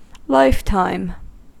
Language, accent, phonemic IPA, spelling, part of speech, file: English, US, /ˈlaɪf.taɪm/, lifetime, noun, En-us-lifetime.ogg
- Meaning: 1. The duration of the life of someone or something 2. A long period of time